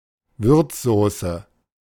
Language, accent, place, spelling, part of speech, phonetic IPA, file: German, Germany, Berlin, Würzsauce, noun, [ˈvʏʁt͡sˌzoːsə], De-Würzsauce.ogg
- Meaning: condiment, relish